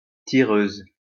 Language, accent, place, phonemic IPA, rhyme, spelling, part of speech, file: French, France, Lyon, /ti.ʁøz/, -øz, tireuse, noun, LL-Q150 (fra)-tireuse.wav
- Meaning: female equivalent of tireur